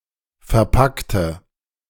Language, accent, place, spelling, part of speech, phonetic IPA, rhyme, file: German, Germany, Berlin, verpackte, adjective / verb, [fɛɐ̯ˈpaktə], -aktə, De-verpackte.ogg
- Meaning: inflection of verpacken: 1. first/third-person singular preterite 2. first/third-person singular subjunctive II